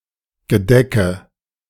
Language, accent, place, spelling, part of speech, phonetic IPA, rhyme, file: German, Germany, Berlin, Gedecke, noun, [ɡəˈdɛkə], -ɛkə, De-Gedecke.ogg
- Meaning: nominative/accusative/genitive plural of Gedeck